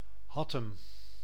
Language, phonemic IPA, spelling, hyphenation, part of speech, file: Dutch, /ˈɦɑ.təm/, Hattem, Hat‧tem, proper noun, Nl-Hattem.ogg
- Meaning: Hattem (a city and municipality of Gelderland, Netherlands)